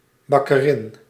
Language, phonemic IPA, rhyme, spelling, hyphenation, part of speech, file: Dutch, /ˌbɑ.kəˈrɪn/, -ɪn, bakkerin, bak‧ke‧rin, noun, Nl-bakkerin.ogg
- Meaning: female baker